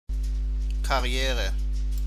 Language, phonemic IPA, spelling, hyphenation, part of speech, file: German, /kaˈri̯eːrə/, Karriere, Kar‧ri‧e‧re, noun, De-Karriere.ogg
- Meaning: 1. career (occupational path) 2. quick or steep occupational advancement 3. career, fastest gallop